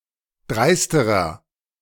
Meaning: inflection of dreist: 1. strong/mixed nominative masculine singular comparative degree 2. strong genitive/dative feminine singular comparative degree 3. strong genitive plural comparative degree
- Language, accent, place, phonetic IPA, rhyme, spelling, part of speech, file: German, Germany, Berlin, [ˈdʁaɪ̯stəʁɐ], -aɪ̯stəʁɐ, dreisterer, adjective, De-dreisterer.ogg